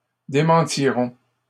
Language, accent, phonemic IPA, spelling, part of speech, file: French, Canada, /de.mɑ̃.ti.ʁɔ̃/, démentirons, verb, LL-Q150 (fra)-démentirons.wav
- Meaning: first-person plural simple future of démentir